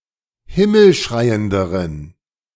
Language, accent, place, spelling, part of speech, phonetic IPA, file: German, Germany, Berlin, himmelschreienderen, adjective, [ˈhɪml̩ˌʃʁaɪ̯əndəʁən], De-himmelschreienderen.ogg
- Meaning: inflection of himmelschreiend: 1. strong genitive masculine/neuter singular comparative degree 2. weak/mixed genitive/dative all-gender singular comparative degree